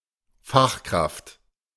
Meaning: 1. expert; trained professional 2. ellipsis of eine von Merkels Fachkräften
- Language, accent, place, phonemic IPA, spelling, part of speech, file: German, Germany, Berlin, /ˈfaxˌkʁaft/, Fachkraft, noun, De-Fachkraft.ogg